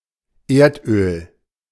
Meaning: oil, petroleum
- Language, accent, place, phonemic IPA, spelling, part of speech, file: German, Germany, Berlin, /ˈeːrtˌøːl/, Erdöl, noun, De-Erdöl.ogg